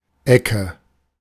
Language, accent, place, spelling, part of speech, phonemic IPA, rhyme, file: German, Germany, Berlin, Ecke, noun, /ˈɛkə/, -ɛkə, De-Ecke.ogg
- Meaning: 1. corner, edge 2. a roughly triangular or quadrangular piece of something 3. corner of a house / of two streets 4. region, area, neighbourhood 5. bit, tad 6. vertex, node 7. corner, corner kick